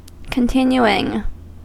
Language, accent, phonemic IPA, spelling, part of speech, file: English, US, /kənˈtɪn.juɪŋ/, continuing, verb / noun / adjective, En-us-continuing.ogg
- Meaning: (verb) present participle and gerund of continue; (noun) A continuation